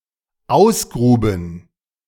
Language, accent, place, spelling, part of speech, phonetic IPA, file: German, Germany, Berlin, ausgruben, verb, [ˈaʊ̯sˌɡʁuːbn̩], De-ausgruben.ogg
- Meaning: first/third-person plural dependent preterite of ausgraben